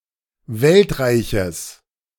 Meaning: genitive singular of Weltreich
- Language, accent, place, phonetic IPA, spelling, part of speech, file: German, Germany, Berlin, [ˈvɛltˌʁaɪ̯çəs], Weltreiches, noun, De-Weltreiches.ogg